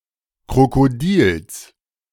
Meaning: genitive singular of Krokodil
- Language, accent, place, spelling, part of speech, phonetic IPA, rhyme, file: German, Germany, Berlin, Krokodils, noun, [kʁokoˈdiːls], -iːls, De-Krokodils.ogg